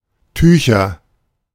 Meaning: nominative/accusative/genitive plural of Tuch
- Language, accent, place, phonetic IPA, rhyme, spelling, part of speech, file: German, Germany, Berlin, [ˈtyːçɐ], -yːçɐ, Tücher, noun, De-Tücher.ogg